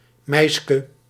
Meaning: alternative form of meisje
- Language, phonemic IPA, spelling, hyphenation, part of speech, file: Dutch, /ˈmɛiskə/, meiske, meis‧ke, noun, Nl-meiske.ogg